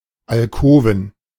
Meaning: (noun) alcove, particularly: a bed built or let into the wall; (proper noun) a municipality of Upper Austria, Austria
- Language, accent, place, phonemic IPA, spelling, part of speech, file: German, Germany, Berlin, /alˈkoːvən/, Alkoven, noun / proper noun, De-Alkoven.ogg